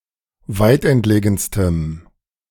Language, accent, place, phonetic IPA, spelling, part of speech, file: German, Germany, Berlin, [ˈvaɪ̯tʔɛntˌleːɡn̩stəm], weitentlegenstem, adjective, De-weitentlegenstem.ogg
- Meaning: strong dative masculine/neuter singular superlative degree of weitentlegen